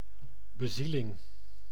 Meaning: inspiration, vitality
- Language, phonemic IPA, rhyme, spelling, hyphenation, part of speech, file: Dutch, /bəˈzi.lɪŋ/, -ilɪŋ, bezieling, be‧zie‧ling, noun, Nl-bezieling.ogg